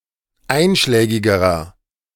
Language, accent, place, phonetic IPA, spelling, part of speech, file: German, Germany, Berlin, [ˈaɪ̯nʃlɛːɡɪɡəʁɐ], einschlägigerer, adjective, De-einschlägigerer.ogg
- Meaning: inflection of einschlägig: 1. strong/mixed nominative masculine singular comparative degree 2. strong genitive/dative feminine singular comparative degree 3. strong genitive plural comparative degree